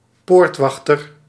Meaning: gatekeeper, one who guards a gate
- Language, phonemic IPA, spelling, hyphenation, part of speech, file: Dutch, /ˈpoːrtˌʋɑx.tər/, poortwachter, poort‧wach‧ter, noun, Nl-poortwachter.ogg